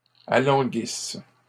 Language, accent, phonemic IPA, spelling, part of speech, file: French, Canada, /a.lɑ̃.ɡis/, alanguisses, verb, LL-Q150 (fra)-alanguisses.wav
- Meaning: second-person singular present/imperfect subjunctive of alanguir